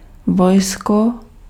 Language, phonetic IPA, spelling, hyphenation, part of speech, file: Czech, [ˈvojsko], vojsko, voj‧sko, noun, Cs-vojsko.ogg
- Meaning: army